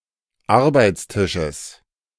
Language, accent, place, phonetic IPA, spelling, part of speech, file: German, Germany, Berlin, [ˈaʁbaɪ̯t͡sˌtɪʃəs], Arbeitstisches, noun, De-Arbeitstisches.ogg
- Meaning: genitive singular of Arbeitstisch